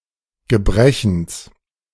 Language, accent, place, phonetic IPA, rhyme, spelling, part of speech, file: German, Germany, Berlin, [ɡəˈbʁɛçn̩s], -ɛçn̩s, Gebrechens, noun, De-Gebrechens.ogg
- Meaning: genitive singular of Gebrechen